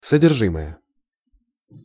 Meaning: contents
- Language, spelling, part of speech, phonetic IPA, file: Russian, содержимое, noun, [sədʲɪrˈʐɨməjə], Ru-содержимое.ogg